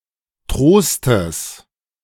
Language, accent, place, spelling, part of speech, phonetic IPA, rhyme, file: German, Germany, Berlin, Trostes, noun, [ˈtʁoːstəs], -oːstəs, De-Trostes.ogg
- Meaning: genitive of Trost